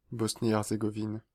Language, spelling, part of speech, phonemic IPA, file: French, Bosnie-Herzégovine, proper noun, /bɔs.ni.ɛʁ.ze.ɡɔ.vin/, Fr-Bosnie-Herzégovine.ogg
- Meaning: Bosnia and Herzegovina (a country on the Balkan Peninsula in Southeastern Europe)